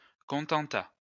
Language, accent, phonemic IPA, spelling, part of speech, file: French, France, /kɔ̃.tɑ̃.ta/, contenta, verb, LL-Q150 (fra)-contenta.wav
- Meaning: third-person singular past historic of contenter